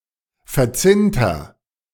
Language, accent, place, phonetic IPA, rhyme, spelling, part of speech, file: German, Germany, Berlin, [fɛɐ̯ˈt͡sɪntɐ], -ɪntɐ, verzinnter, adjective, De-verzinnter.ogg
- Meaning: inflection of verzinnt: 1. strong/mixed nominative masculine singular 2. strong genitive/dative feminine singular 3. strong genitive plural